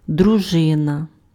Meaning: 1. band, troop 2. prince regular military force in Rus 3. wife 4. husband
- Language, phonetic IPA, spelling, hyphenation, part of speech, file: Ukrainian, [drʊˈʒɪnɐ], дружина, дру‧жи‧на, noun, Uk-дружина.ogg